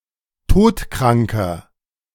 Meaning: inflection of todkrank: 1. strong/mixed nominative masculine singular 2. strong genitive/dative feminine singular 3. strong genitive plural
- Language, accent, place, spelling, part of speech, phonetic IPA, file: German, Germany, Berlin, todkranker, adjective, [ˈtoːtˌkʁaŋkɐ], De-todkranker.ogg